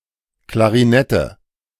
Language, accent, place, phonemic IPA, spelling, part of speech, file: German, Germany, Berlin, /klaʁiˈnɛtə/, Klarinette, noun, De-Klarinette.ogg
- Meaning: clarinet